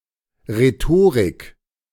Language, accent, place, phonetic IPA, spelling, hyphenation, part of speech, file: German, Germany, Berlin, [ʁeˈtoːʁɪk], Rhetorik, Rhe‧to‧rik, noun, De-Rhetorik.ogg
- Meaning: rhetoric